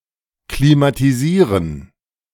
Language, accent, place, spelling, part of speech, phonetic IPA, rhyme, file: German, Germany, Berlin, klimatisieren, verb, [klimatiˈziːʁən], -iːʁən, De-klimatisieren.ogg
- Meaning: to air-condition